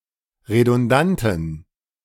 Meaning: inflection of redundant: 1. strong genitive masculine/neuter singular 2. weak/mixed genitive/dative all-gender singular 3. strong/weak/mixed accusative masculine singular 4. strong dative plural
- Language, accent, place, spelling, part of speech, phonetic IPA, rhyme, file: German, Germany, Berlin, redundanten, adjective, [ʁedʊnˈdantn̩], -antn̩, De-redundanten.ogg